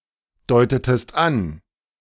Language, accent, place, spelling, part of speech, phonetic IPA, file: German, Germany, Berlin, deutetest an, verb, [ˌdɔɪ̯tətəst ˈan], De-deutetest an.ogg
- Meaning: inflection of andeuten: 1. second-person singular preterite 2. second-person singular subjunctive II